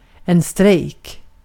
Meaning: strike (work stoppage, or hunger strike or the like)
- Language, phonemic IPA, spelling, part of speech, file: Swedish, /strɛjːk/, strejk, noun, Sv-strejk.ogg